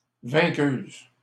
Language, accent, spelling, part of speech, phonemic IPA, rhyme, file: French, Canada, vainqueuse, noun, /vɛ̃.køz/, -øz, LL-Q150 (fra)-vainqueuse.wav
- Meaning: female equivalent of vainqueur